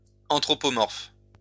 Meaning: anthropomorphic
- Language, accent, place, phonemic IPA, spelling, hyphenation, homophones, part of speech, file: French, France, Lyon, /ɑ̃.tʁɔ.pɔ.mɔʁf/, anthropomorphe, an‧thro‧po‧morphe, anthropomorphes, adjective, LL-Q150 (fra)-anthropomorphe.wav